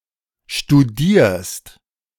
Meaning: second-person singular present of studieren
- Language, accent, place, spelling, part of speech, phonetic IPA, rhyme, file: German, Germany, Berlin, studierst, verb, [ʃtuˈdiːɐ̯st], -iːɐ̯st, De-studierst.ogg